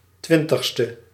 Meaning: twentieth
- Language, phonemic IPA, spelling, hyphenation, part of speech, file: Dutch, /ˈtʋɪn.təx.stə/, twintigste, twin‧tig‧ste, adjective, Nl-twintigste.ogg